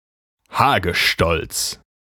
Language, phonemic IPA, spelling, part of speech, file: German, /ˈhaːɡəˌʃtɔlt͡s/, Hagestolz, noun, De-Hagestolz.ogg
- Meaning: confirmed bachelor